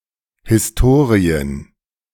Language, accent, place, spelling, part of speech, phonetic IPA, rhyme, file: German, Germany, Berlin, Historien, noun, [hɪsˈtoːʁiən], -oːʁiən, De-Historien.ogg
- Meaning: plural of Historie